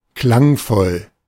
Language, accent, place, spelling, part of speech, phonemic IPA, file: German, Germany, Berlin, klangvoll, adjective, /ˈklaŋˌfɔl/, De-klangvoll.ogg
- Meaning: sonorous